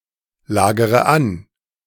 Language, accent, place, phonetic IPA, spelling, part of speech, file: German, Germany, Berlin, [ˌlaːɡəʁə ˈan], lagere an, verb, De-lagere an.ogg
- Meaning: inflection of anlagern: 1. first-person singular present 2. first-person plural subjunctive I 3. third-person singular subjunctive I 4. singular imperative